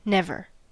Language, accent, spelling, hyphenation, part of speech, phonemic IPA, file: English, US, never, nev‧er, adverb / verb / interjection, /ˈnɛv.ɚ/, En-us-never.ogg
- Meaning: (adverb) 1. At no time; on no occasion; in no circumstance 2. Not at any other time; not on any other occasion; not previously